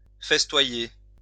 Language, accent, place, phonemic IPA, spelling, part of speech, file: French, France, Lyon, /fɛs.twa.je/, festoyer, verb, LL-Q150 (fra)-festoyer.wav
- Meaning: to feast, banquet